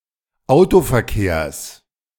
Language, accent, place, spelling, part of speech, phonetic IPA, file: German, Germany, Berlin, Autoverkehrs, noun, [ˈaʊ̯tofɛɐ̯ˌkeːɐ̯s], De-Autoverkehrs.ogg
- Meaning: genitive singular of Autoverkehr